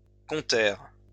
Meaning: third-person plural past historic of compter
- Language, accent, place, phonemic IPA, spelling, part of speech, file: French, France, Lyon, /kɔ̃.tɛʁ/, comptèrent, verb, LL-Q150 (fra)-comptèrent.wav